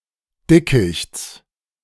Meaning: genitive singular of Dickicht
- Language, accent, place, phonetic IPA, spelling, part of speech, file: German, Germany, Berlin, [ˈdɪkɪçt͡s], Dickichts, noun, De-Dickichts.ogg